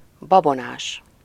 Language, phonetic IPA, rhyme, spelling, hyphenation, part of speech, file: Hungarian, [ˈbɒbonaːʃ], -aːʃ, babonás, ba‧bo‧nás, adjective, Hu-babonás.ogg
- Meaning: superstitious